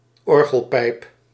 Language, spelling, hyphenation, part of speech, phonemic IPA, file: Dutch, orgelpijp, or‧gel‧pijp, noun, /ˈɔr.ɣəlˌpɛi̯p/, Nl-orgelpijp.ogg
- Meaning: an organ pipe